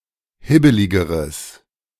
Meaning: strong/mixed nominative/accusative neuter singular comparative degree of hibbelig
- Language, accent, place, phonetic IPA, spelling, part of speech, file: German, Germany, Berlin, [ˈhɪbəlɪɡəʁəs], hibbeligeres, adjective, De-hibbeligeres.ogg